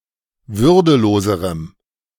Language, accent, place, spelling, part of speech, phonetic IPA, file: German, Germany, Berlin, würdeloserem, adjective, [ˈvʏʁdəˌloːzəʁəm], De-würdeloserem.ogg
- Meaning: strong dative masculine/neuter singular comparative degree of würdelos